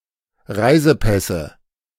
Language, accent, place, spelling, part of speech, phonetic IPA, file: German, Germany, Berlin, Reisepässe, noun, [ˈʁaɪ̯zəˌpɛsə], De-Reisepässe.ogg
- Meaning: nominative/accusative/genitive plural of Reisepass